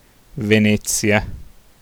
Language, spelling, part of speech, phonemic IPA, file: Italian, Venezia, proper noun, /veˈnɛttsja/, It-Venezia.ogg